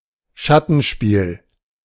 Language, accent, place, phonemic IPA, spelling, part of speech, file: German, Germany, Berlin, /ˈʃatənˌʃpiːl/, Schattenspiel, noun, De-Schattenspiel.ogg
- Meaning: shadow play